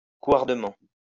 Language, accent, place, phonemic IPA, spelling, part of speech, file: French, France, Lyon, /kwaʁ.də.mɑ̃/, couardement, adverb, LL-Q150 (fra)-couardement.wav
- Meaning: cowardly (in a cowardly way)